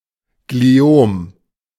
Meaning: glioma
- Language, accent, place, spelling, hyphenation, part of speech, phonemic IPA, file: German, Germany, Berlin, Gliom, Gli‧om, noun, /ɡliˈoːm/, De-Gliom.ogg